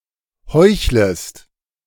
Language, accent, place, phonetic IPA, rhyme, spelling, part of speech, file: German, Germany, Berlin, [ˈhɔɪ̯çləst], -ɔɪ̯çləst, heuchlest, verb, De-heuchlest.ogg
- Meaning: second-person singular subjunctive I of heucheln